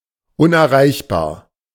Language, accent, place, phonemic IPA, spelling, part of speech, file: German, Germany, Berlin, /ˌʊnʔɛɐ̯ˈʁaɪ̯çbaːɐ̯/, unerreichbar, adjective, De-unerreichbar.ogg
- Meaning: unattainable, inaccessible, unreachable